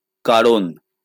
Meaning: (conjunction) because; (noun) reason, cause, motive, purpose
- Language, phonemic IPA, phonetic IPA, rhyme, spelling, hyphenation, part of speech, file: Bengali, /ka.ron/, [ˈka.ron], -aron, কারণ, কা‧র‧ণ, conjunction / noun, LL-Q9610 (ben)-কারণ.wav